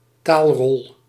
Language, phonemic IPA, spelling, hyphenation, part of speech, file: Dutch, /ˈtaːl.rɔl/, taalrol, taal‧rol, noun, Nl-taalrol.ogg
- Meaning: category of people who speak a certain (official) language (Dutch, French or German in the case of Belgium); a list or file categorising people according to language